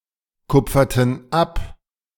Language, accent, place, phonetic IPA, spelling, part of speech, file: German, Germany, Berlin, [ˌkʊp͡fɐtn̩ ˈap], kupferten ab, verb, De-kupferten ab.ogg
- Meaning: inflection of abkupfern: 1. first/third-person plural preterite 2. first/third-person plural subjunctive II